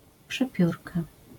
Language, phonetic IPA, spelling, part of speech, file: Polish, [pʃɛˈpʲjurka], przepiórka, noun, LL-Q809 (pol)-przepiórka.wav